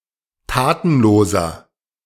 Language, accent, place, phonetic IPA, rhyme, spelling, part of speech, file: German, Germany, Berlin, [ˈtaːtn̩ˌloːzɐ], -aːtn̩loːzɐ, tatenloser, adjective, De-tatenloser.ogg
- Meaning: inflection of tatenlos: 1. strong/mixed nominative masculine singular 2. strong genitive/dative feminine singular 3. strong genitive plural